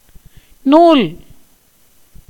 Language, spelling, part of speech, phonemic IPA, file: Tamil, நூல், noun / verb, /nuːl/, Ta-நூல்.ogg
- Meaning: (noun) 1. yarn, thread, string 2. cotton thread 3. book, treatise, work 4. systematic doctrine, science 5. a brahmin man (or anyone who wears a பூணூல் (pūṇūl, yajnopavita)); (verb) to spin (yarn)